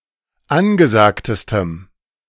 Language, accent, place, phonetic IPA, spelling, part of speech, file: German, Germany, Berlin, [ˈanɡəˌzaːktəstəm], angesagtestem, adjective, De-angesagtestem.ogg
- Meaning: strong dative masculine/neuter singular superlative degree of angesagt